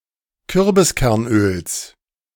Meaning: genitive of Kürbiskernöl
- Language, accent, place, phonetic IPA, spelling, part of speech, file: German, Germany, Berlin, [ˈkʏʁbɪskɛʁnʔøːls], Kürbiskernöls, noun, De-Kürbiskernöls.ogg